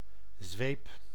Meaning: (noun) 1. a whip (lashing implement, notably single-tail) 2. a whipping, corporal punishment 3. force, extreme pressure; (verb) inflection of zwepen: first-person singular present indicative
- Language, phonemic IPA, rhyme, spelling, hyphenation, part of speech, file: Dutch, /zʋeːp/, -eːp, zweep, zweep, noun / verb, Nl-zweep.ogg